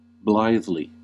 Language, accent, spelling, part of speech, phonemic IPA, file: English, US, blithely, adverb, /ˈblaɪðli/, En-us-blithely.ogg
- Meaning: 1. Without care, concern, or consideration 2. In a joyful, carefree manner 3. In a kind manner